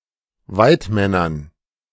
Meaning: dative plural of Weidmann
- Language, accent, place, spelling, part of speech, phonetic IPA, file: German, Germany, Berlin, Weidmännern, noun, [ˈvaɪ̯tˌmɛnɐn], De-Weidmännern.ogg